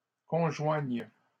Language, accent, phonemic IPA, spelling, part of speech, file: French, Canada, /kɔ̃.ʒwaɲ/, conjoignent, verb, LL-Q150 (fra)-conjoignent.wav
- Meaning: third-person plural present indicative/subjunctive of conjoindre